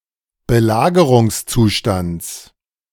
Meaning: genitive of Belagerungszustand
- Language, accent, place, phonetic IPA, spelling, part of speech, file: German, Germany, Berlin, [bəˈlaːɡəʁʊŋsˌt͡suːʃtant͡s], Belagerungszustands, noun, De-Belagerungszustands.ogg